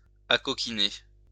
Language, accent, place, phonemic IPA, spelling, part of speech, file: French, France, Lyon, /a.kɔ.ki.ne/, acoquiner, verb, LL-Q150 (fra)-acoquiner.wav
- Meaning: to become familiar